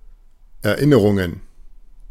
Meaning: plural of Erinnerung
- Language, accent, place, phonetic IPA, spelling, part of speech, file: German, Germany, Berlin, [ɛɐ̯ˈʔɪnəʁʊŋən], Erinnerungen, noun, De-Erinnerungen.ogg